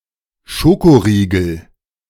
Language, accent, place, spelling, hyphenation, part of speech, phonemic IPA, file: German, Germany, Berlin, Schokoriegel, Scho‧ko‧rie‧gel, noun, /ˈʃokoˌʁiːɡl̩/, De-Schokoriegel.ogg
- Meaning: candy bar, chocolate bar (kind of candy in the shape of a bar, often made of chocolate)